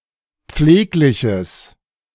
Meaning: strong/mixed nominative/accusative neuter singular of pfleglich
- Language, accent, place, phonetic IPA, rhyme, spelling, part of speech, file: German, Germany, Berlin, [ˈp͡fleːklɪçəs], -eːklɪçəs, pflegliches, adjective, De-pflegliches.ogg